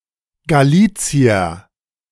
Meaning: Galician (a person from Galicia in Spain)
- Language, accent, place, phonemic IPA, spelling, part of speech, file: German, Germany, Berlin, /ɡaˈliːt͡si̯ɐ/, Galicier, noun, De-Galicier.ogg